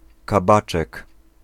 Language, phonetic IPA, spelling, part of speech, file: Polish, [kaˈbat͡ʃɛk], kabaczek, noun, Pl-kabaczek.ogg